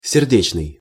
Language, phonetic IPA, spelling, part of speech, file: Russian, [sʲɪrˈdʲet͡ɕnɨj], сердечный, adjective, Ru-сердечный.ogg
- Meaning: 1. heart 2. cordial, heartfelt 3. cardiac 4. amorous 5. love